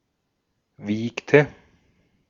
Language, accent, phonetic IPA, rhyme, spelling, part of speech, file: German, Austria, [ˈviːktə], -iːktə, wiegte, verb, De-at-wiegte.ogg
- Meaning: inflection of wiegen: 1. first/third-person singular preterite 2. first/third-person singular subjunctive II